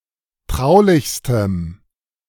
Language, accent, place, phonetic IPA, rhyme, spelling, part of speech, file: German, Germany, Berlin, [ˈtʁaʊ̯lɪçstəm], -aʊ̯lɪçstəm, traulichstem, adjective, De-traulichstem.ogg
- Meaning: strong dative masculine/neuter singular superlative degree of traulich